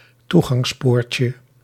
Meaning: diminutive of toegangspoort
- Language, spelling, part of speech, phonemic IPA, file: Dutch, toegangspoortje, noun, /ˈtuɣɑŋsˌporcə/, Nl-toegangspoortje.ogg